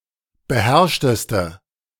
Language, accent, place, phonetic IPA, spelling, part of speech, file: German, Germany, Berlin, [bəˈhɛʁʃtəstə], beherrschteste, adjective, De-beherrschteste.ogg
- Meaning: inflection of beherrscht: 1. strong/mixed nominative/accusative feminine singular superlative degree 2. strong nominative/accusative plural superlative degree